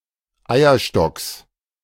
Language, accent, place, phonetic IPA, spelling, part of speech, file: German, Germany, Berlin, [ˈaɪ̯ɐˌʃtɔks], Eierstocks, noun, De-Eierstocks.ogg
- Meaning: genitive singular of Eierstock